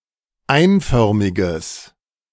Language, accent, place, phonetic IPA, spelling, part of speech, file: German, Germany, Berlin, [ˈaɪ̯nˌfœʁmɪɡəs], einförmiges, adjective, De-einförmiges.ogg
- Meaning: strong/mixed nominative/accusative neuter singular of einförmig